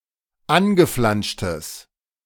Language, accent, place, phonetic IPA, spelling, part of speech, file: German, Germany, Berlin, [ˈanɡəˌflanʃtəs], angeflanschtes, adjective, De-angeflanschtes.ogg
- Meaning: strong/mixed nominative/accusative neuter singular of angeflanscht